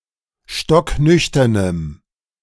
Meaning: strong dative masculine/neuter singular of stocknüchtern
- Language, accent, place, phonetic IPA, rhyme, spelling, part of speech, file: German, Germany, Berlin, [ˌʃtɔkˈnʏçtɐnəm], -ʏçtɐnəm, stocknüchternem, adjective, De-stocknüchternem.ogg